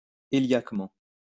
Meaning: heliacally
- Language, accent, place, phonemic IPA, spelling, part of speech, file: French, France, Lyon, /e.ljak.mɑ̃/, héliaquement, adverb, LL-Q150 (fra)-héliaquement.wav